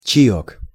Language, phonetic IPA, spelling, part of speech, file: Russian, [t͡ɕɪˈjɵk], чаёк, noun, Ru-чаёк.ogg
- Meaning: diminutive of чай (čaj); tea